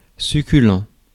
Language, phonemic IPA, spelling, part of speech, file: French, /sy.ky.lɑ̃/, succulent, adjective, Fr-succulent.ogg
- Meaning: succulent (all senses)